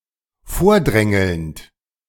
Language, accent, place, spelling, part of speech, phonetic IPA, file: German, Germany, Berlin, vordrängelnd, verb, [ˈfoːɐ̯ˌdʁɛŋl̩nt], De-vordrängelnd.ogg
- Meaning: present participle of vordrängeln